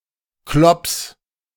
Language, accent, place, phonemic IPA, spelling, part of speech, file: German, Germany, Berlin, /klɔps/, Klops, noun, De-Klops.ogg
- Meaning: meatball